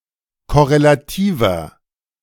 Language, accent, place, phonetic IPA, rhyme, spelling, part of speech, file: German, Germany, Berlin, [kɔʁelaˈtiːvɐ], -iːvɐ, korrelativer, adjective, De-korrelativer.ogg
- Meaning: inflection of korrelativ: 1. strong/mixed nominative masculine singular 2. strong genitive/dative feminine singular 3. strong genitive plural